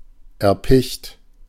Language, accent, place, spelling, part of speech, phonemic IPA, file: German, Germany, Berlin, erpicht, adjective, /ɛɐ̯ˈpɪçt/, De-erpicht.ogg
- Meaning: 1. keen, eager 2. obsessed